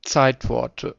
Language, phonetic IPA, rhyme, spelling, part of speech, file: German, [ˈt͡saɪ̯tˌvɔʁtə], -aɪ̯tvɔʁtə, Zeitworte, noun, De-Zeitworte.ogg
- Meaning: nominative/accusative/genitive plural of Zeitwort